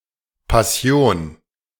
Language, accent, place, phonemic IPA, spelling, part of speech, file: German, Germany, Berlin, /paˈsjoːn/, Passion, noun, De-Passion.ogg
- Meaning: 1. passion, fervent interest in a cause or, more often, a hobby 2. the object of such interest 3. passion (strong emotion) 4. Passion (the suffering of Christ)